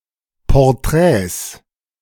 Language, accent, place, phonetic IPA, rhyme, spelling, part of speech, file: German, Germany, Berlin, [pɔʁˈtʁɛːs], -ɛːs, Porträts, noun, De-Porträts.ogg
- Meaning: 1. plural of Porträt 2. genitive singular of Porträt